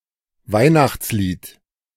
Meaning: Christmas carol
- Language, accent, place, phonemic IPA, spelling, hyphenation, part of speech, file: German, Germany, Berlin, /ˈvaɪ̯naxt͡sˌliːt/, Weihnachtslied, Weih‧nachts‧lied, noun, De-Weihnachtslied.ogg